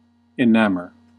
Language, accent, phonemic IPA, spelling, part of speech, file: English, US, /ɪˈnæmɚ/, enamor, verb, En-us-enamor.ogg
- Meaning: 1. To cause to be in love 2. To captivate